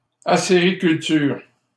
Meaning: maple production
- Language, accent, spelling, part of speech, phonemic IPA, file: French, Canada, acériculture, noun, /a.se.ʁi.kyl.tyʁ/, LL-Q150 (fra)-acériculture.wav